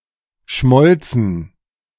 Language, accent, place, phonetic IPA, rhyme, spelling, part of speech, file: German, Germany, Berlin, [ˈʃmɔlt͡sn̩], -ɔlt͡sn̩, schmolzen, verb, De-schmolzen.ogg
- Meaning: first/third-person plural preterite of schmelzen